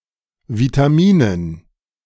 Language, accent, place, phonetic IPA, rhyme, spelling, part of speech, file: German, Germany, Berlin, [vitaˈmiːnən], -iːnən, Vitaminen, noun, De-Vitaminen.ogg
- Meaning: dative plural of Vitamin